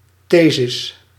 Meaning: dated form of these
- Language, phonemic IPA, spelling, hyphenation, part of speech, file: Dutch, /ˈtezɪs/, thesis, the‧sis, noun, Nl-thesis.ogg